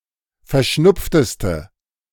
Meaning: inflection of verschnupft: 1. strong/mixed nominative/accusative feminine singular superlative degree 2. strong nominative/accusative plural superlative degree
- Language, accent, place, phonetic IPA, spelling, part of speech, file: German, Germany, Berlin, [fɛɐ̯ˈʃnʊp͡ftəstə], verschnupfteste, adjective, De-verschnupfteste.ogg